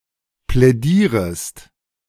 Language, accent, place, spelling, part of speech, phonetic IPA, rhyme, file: German, Germany, Berlin, plädierest, verb, [plɛˈdiːʁəst], -iːʁəst, De-plädierest.ogg
- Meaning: second-person singular subjunctive I of plädieren